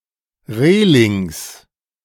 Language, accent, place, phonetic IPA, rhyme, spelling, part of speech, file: German, Germany, Berlin, [ˈʁeːlɪŋs], -eːlɪŋs, Relings, noun, De-Relings.ogg
- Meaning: plural of Reling